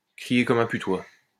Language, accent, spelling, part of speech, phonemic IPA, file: French, France, crier comme un putois, verb, /kʁi.je kɔ.m‿œ̃ py.twa/, LL-Q150 (fra)-crier comme un putois.wav
- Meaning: to squeal like a stuck pig, to scream like a banshee